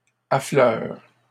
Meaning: inflection of affleurer: 1. first/third-person singular present indicative/subjunctive 2. second-person singular imperative
- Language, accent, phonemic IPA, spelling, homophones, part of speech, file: French, Canada, /a.flœʁ/, affleure, affleurent / affleures, verb, LL-Q150 (fra)-affleure.wav